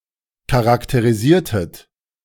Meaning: inflection of charakterisieren: 1. second-person plural preterite 2. second-person plural subjunctive II
- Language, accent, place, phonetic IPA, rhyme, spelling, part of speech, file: German, Germany, Berlin, [kaʁakteʁiˈziːɐ̯tət], -iːɐ̯tət, charakterisiertet, verb, De-charakterisiertet.ogg